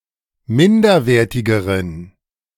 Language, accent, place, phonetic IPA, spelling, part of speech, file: German, Germany, Berlin, [ˈmɪndɐˌveːɐ̯tɪɡəʁən], minderwertigeren, adjective, De-minderwertigeren.ogg
- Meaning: inflection of minderwertig: 1. strong genitive masculine/neuter singular comparative degree 2. weak/mixed genitive/dative all-gender singular comparative degree